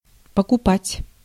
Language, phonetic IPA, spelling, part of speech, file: Russian, [pəkʊˈpatʲ], покупать, verb, Ru-покупать.ogg
- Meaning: 1. to buy, to purchase 2. to bathe, to bath